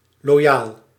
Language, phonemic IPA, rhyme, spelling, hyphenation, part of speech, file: Dutch, /loːˈjaːl/, -aːl, loyaal, lo‧yaal, adjective, Nl-loyaal.ogg
- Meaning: loyal